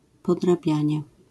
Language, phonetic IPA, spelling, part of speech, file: Polish, [ˌpɔdraˈbʲjä̃ɲɛ], podrabianie, noun, LL-Q809 (pol)-podrabianie.wav